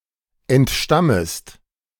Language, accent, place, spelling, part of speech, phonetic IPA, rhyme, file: German, Germany, Berlin, entstammest, verb, [ɛntˈʃtaməst], -aməst, De-entstammest.ogg
- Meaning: second-person singular subjunctive I of entstammen